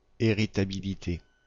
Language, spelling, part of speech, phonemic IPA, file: French, héritabilité, noun, /e.ʁi.ta.bi.li.te/, Fr-héritabilité.ogg
- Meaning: heritability